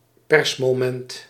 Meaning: a relatively short press event, a meeting with the press
- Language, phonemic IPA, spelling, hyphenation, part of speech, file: Dutch, /ˈpɛrs.moːˌmɛnt/, persmoment, pers‧mo‧ment, noun, Nl-persmoment.ogg